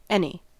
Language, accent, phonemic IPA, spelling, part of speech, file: English, US, /ɪni/, any, adverb / determiner / pronoun, En-us-any.ogg
- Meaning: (adverb) To even the slightest extent; at all